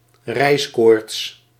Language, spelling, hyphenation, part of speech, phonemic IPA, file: Dutch, reiskoorts, reis‧koorts, noun, /ˈrɛi̯s.koːrts/, Nl-reiskoorts.ogg
- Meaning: wanderlust, travel bug